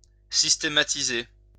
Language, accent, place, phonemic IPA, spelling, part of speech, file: French, France, Lyon, /sis.te.ma.ti.ze/, systématiser, verb, LL-Q150 (fra)-systématiser.wav
- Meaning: to collate; to organize